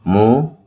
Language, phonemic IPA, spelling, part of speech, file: Odia, /mũ/, ମୁଁ, pronoun, Or-ମୁଁ.oga
- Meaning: I, me